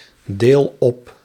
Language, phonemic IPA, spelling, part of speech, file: Dutch, /ˈdel ˈɔp/, deel op, verb, Nl-deel op.ogg
- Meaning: inflection of opdelen: 1. first-person singular present indicative 2. second-person singular present indicative 3. imperative